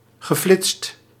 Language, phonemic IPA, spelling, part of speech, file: Dutch, /ɣəˈflɪtst/, geflitst, verb / adjective, Nl-geflitst.ogg
- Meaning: past participle of flitsen